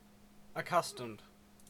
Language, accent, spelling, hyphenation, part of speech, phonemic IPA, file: English, Canada, accustomed, ac‧cus‧tomed, adjective / verb, /əˈkʌs.təmd/, En-ca-accustomed.ogg
- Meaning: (adjective) 1. Familiar with something through repeated experience; adapted to existing conditions. (of a person) 2. Familiar through use; usual; customary. (of a thing, condition, activity, etc.)